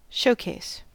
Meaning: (noun) 1. A case for displaying merchandise or valuable items 2. A setting, occasion, or medium for exhibiting something or someone, especially in an attractive or favorable aspect
- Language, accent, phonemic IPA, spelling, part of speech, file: English, US, /ˈʃoʊˌkeɪs/, showcase, noun / verb, En-us-showcase.ogg